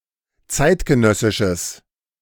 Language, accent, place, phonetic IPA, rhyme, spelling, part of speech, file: German, Germany, Berlin, [ˈt͡saɪ̯tɡəˌnœsɪʃəs], -aɪ̯tɡənœsɪʃəs, zeitgenössisches, adjective, De-zeitgenössisches.ogg
- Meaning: strong/mixed nominative/accusative neuter singular of zeitgenössisch